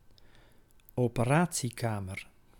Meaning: operating theatre, operating room (room where surgical procedures are performed)
- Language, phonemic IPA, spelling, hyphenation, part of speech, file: Dutch, /oː.pəˈraː.(t)siˌkaː.mər/, operatiekamer, ope‧ra‧tie‧ka‧mer, noun, Nl-operatiekamer.ogg